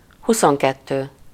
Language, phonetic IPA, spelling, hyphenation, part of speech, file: Hungarian, [ˈhusoŋkɛtːøː], huszonkettő, hu‧szon‧ket‧tő, numeral, Hu-huszonkettő.ogg
- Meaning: twenty-two